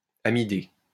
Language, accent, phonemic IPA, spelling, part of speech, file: French, France, /a.mi.de/, amidé, adjective, LL-Q150 (fra)-amidé.wav
- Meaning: amido